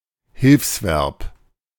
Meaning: auxiliary verb, helping verb
- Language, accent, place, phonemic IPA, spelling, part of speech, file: German, Germany, Berlin, /ˈhɪlfsvɛʁp/, Hilfsverb, noun, De-Hilfsverb.ogg